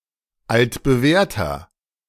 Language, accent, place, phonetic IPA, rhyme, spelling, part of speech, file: German, Germany, Berlin, [ˌaltbəˈvɛːɐ̯tɐ], -ɛːɐ̯tɐ, altbewährter, adjective, De-altbewährter.ogg
- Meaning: 1. comparative degree of altbewährt 2. inflection of altbewährt: strong/mixed nominative masculine singular 3. inflection of altbewährt: strong genitive/dative feminine singular